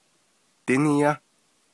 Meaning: second-person singular perfective of dighááh
- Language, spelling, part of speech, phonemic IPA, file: Navajo, díníyá, verb, /tɪ́nɪ́jɑ́/, Nv-díníyá.ogg